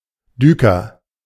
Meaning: culvert
- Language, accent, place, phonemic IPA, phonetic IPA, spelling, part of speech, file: German, Germany, Berlin, /ˈdyːkər/, [ˈdyː.kɐ], Düker, noun, De-Düker.ogg